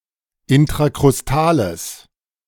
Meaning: strong/mixed nominative/accusative neuter singular of intrakrustal
- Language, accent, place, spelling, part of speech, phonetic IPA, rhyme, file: German, Germany, Berlin, intrakrustales, adjective, [ɪntʁakʁʊsˈtaːləs], -aːləs, De-intrakrustales.ogg